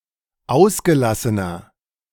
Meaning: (adjective) 1. comparative degree of ausgelassen 2. inflection of ausgelassen: strong/mixed nominative masculine singular 3. inflection of ausgelassen: strong genitive/dative feminine singular
- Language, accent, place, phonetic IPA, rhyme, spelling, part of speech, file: German, Germany, Berlin, [ˈaʊ̯sɡəlasənɐ], -aʊ̯sɡəlasənɐ, ausgelassener, adjective, De-ausgelassener.ogg